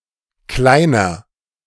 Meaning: 1. boy, young man 2. inflection of Kleine: strong genitive/dative singular 3. inflection of Kleine: strong genitive plural
- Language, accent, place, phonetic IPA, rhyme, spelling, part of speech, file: German, Germany, Berlin, [ˈklaɪ̯nɐ], -aɪ̯nɐ, Kleiner, noun / proper noun, De-Kleiner.ogg